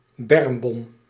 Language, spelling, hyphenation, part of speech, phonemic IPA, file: Dutch, bermbom, berm‧bom, noun, /ˈbɛrm.bɔm/, Nl-bermbom.ogg
- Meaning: roadside bomb